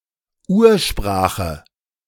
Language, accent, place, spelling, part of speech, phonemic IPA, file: German, Germany, Berlin, Ursprache, noun, /ˈʔuːɐ̯ˌʃpʁaːxə/, De-Ursprache.ogg
- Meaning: 1. proto-language 2. original language